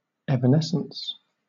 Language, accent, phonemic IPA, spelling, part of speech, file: English, Southern England, /ˌɛv.əˈnɛs.əns/, evanescence, noun, LL-Q1860 (eng)-evanescence.wav
- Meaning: 1. The act or state of vanishing away; disappearance 2. The event of fading and gradually vanishing from sight